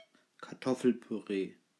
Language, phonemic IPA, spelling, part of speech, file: German, /kaʁˈtɔfl̩pyˌʁeː/, Kartoffelpüree, noun, De-Kartoffelpüree.ogg
- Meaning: mashed potatoes (potatoes that have been boiled and mashed)